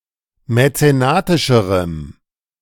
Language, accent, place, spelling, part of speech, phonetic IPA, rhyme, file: German, Germany, Berlin, mäzenatischerem, adjective, [mɛt͡seˈnaːtɪʃəʁəm], -aːtɪʃəʁəm, De-mäzenatischerem.ogg
- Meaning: strong dative masculine/neuter singular comparative degree of mäzenatisch